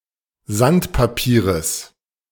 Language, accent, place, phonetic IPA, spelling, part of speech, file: German, Germany, Berlin, [ˈzantpaˌpiːʁəs], Sandpapieres, noun, De-Sandpapieres.ogg
- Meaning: genitive singular of Sandpapier